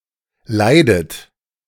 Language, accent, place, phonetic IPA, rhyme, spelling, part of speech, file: German, Germany, Berlin, [ˈlaɪ̯dət], -aɪ̯dət, leidet, verb, De-leidet.ogg
- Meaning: inflection of leiden: 1. third-person singular present 2. second-person plural present 3. second-person plural subjunctive I 4. plural imperative